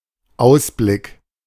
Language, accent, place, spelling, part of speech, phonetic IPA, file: German, Germany, Berlin, Ausblick, noun, [ˈaʊ̯sblɪk], De-Ausblick.ogg
- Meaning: outlook, view, vista